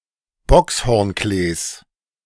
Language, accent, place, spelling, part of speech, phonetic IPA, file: German, Germany, Berlin, Bockshornklees, noun, [ˈbɔkshɔʁnˌkleːs], De-Bockshornklees.ogg
- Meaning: genitive singular of Bockshornklee